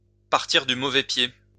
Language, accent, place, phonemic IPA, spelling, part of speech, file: French, France, Lyon, /paʁ.tiʁ dy mo.vɛ pje/, partir du mauvais pied, verb, LL-Q150 (fra)-partir du mauvais pied.wav
- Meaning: to start off on the wrong foot